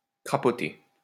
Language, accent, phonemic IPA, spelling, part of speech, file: French, France, /kʁa.pɔ.te/, crapoter, verb, LL-Q150 (fra)-crapoter.wav
- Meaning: to smoke without inhaling; to puff